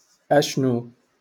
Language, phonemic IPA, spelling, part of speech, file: Moroccan Arabic, /ʔaʃ.nu/, أشنو, adverb, LL-Q56426 (ary)-أشنو.wav
- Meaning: what?